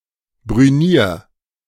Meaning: 1. singular imperative of brünieren 2. first-person singular present of brünieren
- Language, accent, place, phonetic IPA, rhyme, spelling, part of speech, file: German, Germany, Berlin, [bʁyˈniːɐ̯], -iːɐ̯, brünier, verb, De-brünier.ogg